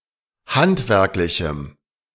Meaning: strong dative masculine/neuter singular of handwerklich
- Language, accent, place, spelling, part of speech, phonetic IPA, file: German, Germany, Berlin, handwerklichem, adjective, [ˈhantvɛʁklɪçm̩], De-handwerklichem.ogg